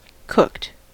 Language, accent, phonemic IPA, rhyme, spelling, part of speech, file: English, US, /kʊkt/, -ʊkt, cooked, adjective / verb, En-us-cooked.ogg
- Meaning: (adjective) 1. Prepared by cooking 2. Corrupted by conversion through a text format, requiring uncooking to be properly listenable 3. Partially or wholly fabricated, falsified